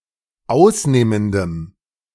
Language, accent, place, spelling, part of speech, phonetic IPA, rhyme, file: German, Germany, Berlin, ausnehmendem, adjective, [ˈaʊ̯sˌneːməndəm], -aʊ̯sneːməndəm, De-ausnehmendem.ogg
- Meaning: strong dative masculine/neuter singular of ausnehmend